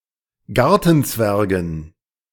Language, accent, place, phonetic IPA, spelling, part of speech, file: German, Germany, Berlin, [ˈɡaʁtn̩ˌt͡svɛʁɡn̩], Gartenzwergen, noun, De-Gartenzwergen.ogg
- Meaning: dative plural of Gartenzwerg